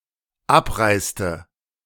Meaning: inflection of abreisen: 1. first/third-person singular dependent preterite 2. first/third-person singular dependent subjunctive II
- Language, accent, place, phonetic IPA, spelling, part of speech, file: German, Germany, Berlin, [ˈapˌʁaɪ̯stə], abreiste, verb, De-abreiste.ogg